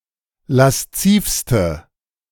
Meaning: inflection of lasziv: 1. strong/mixed nominative/accusative feminine singular superlative degree 2. strong nominative/accusative plural superlative degree
- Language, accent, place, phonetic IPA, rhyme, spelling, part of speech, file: German, Germany, Berlin, [lasˈt͡siːfstə], -iːfstə, laszivste, adjective, De-laszivste.ogg